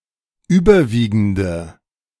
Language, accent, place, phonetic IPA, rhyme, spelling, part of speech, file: German, Germany, Berlin, [ˈyːbɐˌviːɡn̩də], -iːɡn̩də, überwiegende, adjective, De-überwiegende.ogg
- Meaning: inflection of überwiegend: 1. strong/mixed nominative/accusative feminine singular 2. strong nominative/accusative plural 3. weak nominative all-gender singular